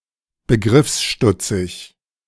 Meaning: dense, slow, simple, obtuse, stupid
- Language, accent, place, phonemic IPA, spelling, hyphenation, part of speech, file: German, Germany, Berlin, /bəˈɡʁɪfsˌʃtʊt͡sɪç/, begriffsstutzig, be‧griffs‧stut‧zig, adjective, De-begriffsstutzig.ogg